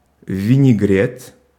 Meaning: 1. vinegret, a Russian salad 2. a mixture, a blending
- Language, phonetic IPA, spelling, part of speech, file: Russian, [vʲɪnʲɪˈɡrʲet], винегрет, noun, Ru-винегрет.ogg